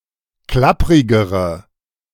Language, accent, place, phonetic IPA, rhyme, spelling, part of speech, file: German, Germany, Berlin, [ˈklapʁɪɡəʁə], -apʁɪɡəʁə, klapprigere, adjective, De-klapprigere.ogg
- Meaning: inflection of klapprig: 1. strong/mixed nominative/accusative feminine singular comparative degree 2. strong nominative/accusative plural comparative degree